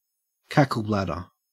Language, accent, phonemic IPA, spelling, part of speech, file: English, Australia, /ˈkækəlˌblædə(ɹ)/, cackle-bladder, noun, En-au-cackle-bladder.ogg
- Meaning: A bladder containing (real or fake) blood, used to fake someone's death or injury, as in espionage or confidence tricks where a person is made to think that he is an accessory to murder